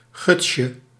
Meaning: diminutive of guts
- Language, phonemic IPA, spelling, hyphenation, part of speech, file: Dutch, /ˈɣʏt.sjə/, gutsje, guts‧je, noun, Nl-gutsje.ogg